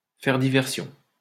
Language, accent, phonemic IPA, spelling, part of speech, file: French, France, /fɛʁ di.vɛʁ.sjɔ̃/, faire diversion, verb, LL-Q150 (fra)-faire diversion.wav
- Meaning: to create a diversion